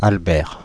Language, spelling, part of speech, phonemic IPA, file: French, Albert, proper noun, /al.bɛʁ/, Fr-Albert.ogg
- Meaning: 1. a male given name, equivalent to English Albert 2. a surname originating as a patronymic